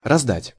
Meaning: to hand out, to distribute
- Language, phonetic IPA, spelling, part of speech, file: Russian, [rɐzˈdatʲ], раздать, verb, Ru-раздать.ogg